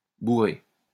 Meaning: 1. to stuff with stuffing material 2. to completely fill by shoving in 3. to make to eat a lot 4. to force-feed 5. to hit someone 6. to get drunk 7. to binge 8. to jam by way of excessive accumulation
- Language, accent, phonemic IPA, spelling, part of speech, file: French, France, /bu.ʁe/, bourrer, verb, LL-Q150 (fra)-bourrer.wav